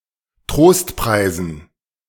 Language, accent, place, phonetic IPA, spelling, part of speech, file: German, Germany, Berlin, [ˈtʁoːstˌpʁaɪ̯zn̩], Trostpreisen, noun, De-Trostpreisen.ogg
- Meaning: dative plural of Trostpreis